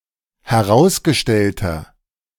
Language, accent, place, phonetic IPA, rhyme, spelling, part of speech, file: German, Germany, Berlin, [hɛˈʁaʊ̯sɡəˌʃtɛltɐ], -aʊ̯sɡəʃtɛltɐ, herausgestellter, adjective, De-herausgestellter.ogg
- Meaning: inflection of herausgestellt: 1. strong/mixed nominative masculine singular 2. strong genitive/dative feminine singular 3. strong genitive plural